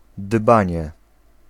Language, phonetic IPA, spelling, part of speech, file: Polish, [ˈdbãɲɛ], dbanie, noun, Pl-dbanie.ogg